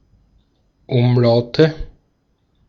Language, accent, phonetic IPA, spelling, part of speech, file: German, Austria, [ˈʊmˌlaʊ̯tə], Umlaute, noun, De-at-Umlaute.ogg
- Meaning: nominative/accusative/genitive plural of Umlaut